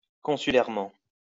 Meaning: consularly
- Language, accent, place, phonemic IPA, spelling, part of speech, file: French, France, Lyon, /kɔ̃.sy.lɛʁ.mɑ̃/, consulairement, adverb, LL-Q150 (fra)-consulairement.wav